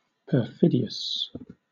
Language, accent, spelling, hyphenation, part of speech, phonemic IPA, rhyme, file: English, Southern England, perfidious, per‧fid‧i‧ous, adjective, /pəˈfɪdi.əs/, -ɪdiəs, LL-Q1860 (eng)-perfidious.wav
- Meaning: Of, pertaining to, or representing perfidy; disloyal to what should command one's fidelity or allegiance